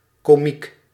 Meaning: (adjective) comical, funny; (noun) 1. a comedian 2. a jokester, a funny person
- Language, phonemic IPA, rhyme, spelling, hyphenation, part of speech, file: Dutch, /koːˈmik/, -ik, komiek, ko‧miek, adjective / noun, Nl-komiek.ogg